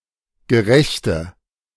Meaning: inflection of gerecht: 1. strong/mixed nominative/accusative feminine singular 2. strong nominative/accusative plural 3. weak nominative all-gender singular 4. weak accusative feminine/neuter singular
- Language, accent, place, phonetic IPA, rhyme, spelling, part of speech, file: German, Germany, Berlin, [ɡəˈʁɛçtə], -ɛçtə, gerechte, adjective, De-gerechte.ogg